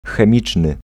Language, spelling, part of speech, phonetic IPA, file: Polish, chemiczny, adjective, [xɛ̃ˈmʲit͡ʃnɨ], Pl-chemiczny.ogg